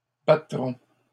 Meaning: first-person plural future of battre
- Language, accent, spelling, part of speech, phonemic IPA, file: French, Canada, battrons, verb, /ba.tʁɔ̃/, LL-Q150 (fra)-battrons.wav